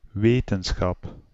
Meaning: 1. knowledge 2. science, scholarly knowledge, scholarship (collective discipline of learning acquired through any scholarly method; totality of knowledge)
- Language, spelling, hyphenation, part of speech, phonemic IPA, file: Dutch, wetenschap, we‧ten‧schap, noun, /ˈʋeːtənˌsxɑp/, Nl-wetenschap.ogg